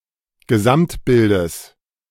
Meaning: genitive of Gesamtbild
- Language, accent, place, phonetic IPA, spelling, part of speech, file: German, Germany, Berlin, [ɡəˈzamtˌbɪldəs], Gesamtbildes, noun, De-Gesamtbildes.ogg